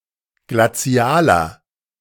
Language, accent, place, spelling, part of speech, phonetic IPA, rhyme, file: German, Germany, Berlin, glazialer, adjective, [ɡlaˈt͡si̯aːlɐ], -aːlɐ, De-glazialer.ogg
- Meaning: inflection of glazial: 1. strong/mixed nominative masculine singular 2. strong genitive/dative feminine singular 3. strong genitive plural